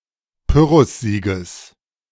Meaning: genitive singular of Pyrrhussieg
- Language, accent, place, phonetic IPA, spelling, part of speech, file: German, Germany, Berlin, [ˈpʏʁʊsˌziːɡəs], Pyrrhussieges, noun, De-Pyrrhussieges.ogg